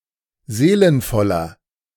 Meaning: 1. comparative degree of seelenvoll 2. inflection of seelenvoll: strong/mixed nominative masculine singular 3. inflection of seelenvoll: strong genitive/dative feminine singular
- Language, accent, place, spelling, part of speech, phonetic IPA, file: German, Germany, Berlin, seelenvoller, adjective, [ˈzeːlənfɔlɐ], De-seelenvoller.ogg